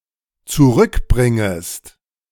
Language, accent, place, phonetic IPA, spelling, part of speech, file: German, Germany, Berlin, [t͡suˈʁʏkˌbʁɪŋəst], zurückbringest, verb, De-zurückbringest.ogg
- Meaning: second-person singular dependent subjunctive I of zurückbringen